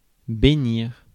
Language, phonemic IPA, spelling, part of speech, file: French, /be.niʁ/, bénir, verb, Fr-bénir.ogg
- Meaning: to bless (invoke or give supernatural assistance)